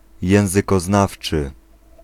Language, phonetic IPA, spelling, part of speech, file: Polish, [ˌjɛ̃w̃zɨkɔˈznaft͡ʃɨ], językoznawczy, adjective, Pl-językoznawczy.ogg